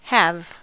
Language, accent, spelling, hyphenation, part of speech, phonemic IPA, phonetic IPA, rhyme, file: English, US, have, have, verb / noun, /ˈhæv/, [ˈ(h)əv], -æv, En-us-have.ogg
- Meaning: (verb) 1. To possess, own 2. To hold, as something at someone's disposal 3. To include as a part, ingredient, or feature